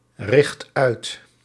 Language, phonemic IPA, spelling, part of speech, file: Dutch, /ˈrɪxt ˈœyt/, richt uit, verb, Nl-richt uit.ogg
- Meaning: inflection of uitrichten: 1. first/second/third-person singular present indicative 2. imperative